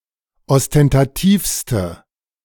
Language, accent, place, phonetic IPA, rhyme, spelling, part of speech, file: German, Germany, Berlin, [ɔstɛntaˈtiːfstə], -iːfstə, ostentativste, adjective, De-ostentativste.ogg
- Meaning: inflection of ostentativ: 1. strong/mixed nominative/accusative feminine singular superlative degree 2. strong nominative/accusative plural superlative degree